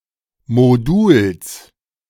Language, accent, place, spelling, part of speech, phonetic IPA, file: German, Germany, Berlin, Moduls, noun, [ˈmoːdʊls], De-Moduls.ogg
- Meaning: genitive singular of Modul